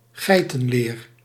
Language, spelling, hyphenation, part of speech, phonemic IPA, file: Dutch, geitenleer, gei‧ten‧leer, noun, /ˈɣɛi̯.tə(n)ˌleːr/, Nl-geitenleer.ogg
- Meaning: goat leather